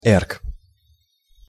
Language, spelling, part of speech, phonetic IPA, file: Russian, эрг, noun, [ɛrk], Ru-эрг.ogg
- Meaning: erg